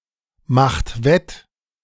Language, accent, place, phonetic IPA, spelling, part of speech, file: German, Germany, Berlin, [ˌmaxt ˈvɛt], macht wett, verb, De-macht wett.ogg
- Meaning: inflection of wettmachen: 1. second-person plural present 2. third-person singular present 3. plural imperative